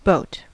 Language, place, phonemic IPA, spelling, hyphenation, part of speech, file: English, California, /boʊ̯t/, boat, boat, noun / verb, En-us-boat.ogg
- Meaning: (noun) Vessel for travelling by water.: 1. A small, usually open craft used for travelling over water, propelled by oars, motor or wind. Usually contrasted with "ship" 2. A submarine